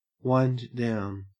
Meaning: 1. To lower by winding, as with a crank or windlass 2. To unwind 3. To shut down slowly (by degrees or in phases) 4. To slow, as if coming to an end; to become calmer or less busy
- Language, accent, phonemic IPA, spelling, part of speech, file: English, Australia, /waɪnd ˈdaʊn/, wind down, verb, En-au-wind down.ogg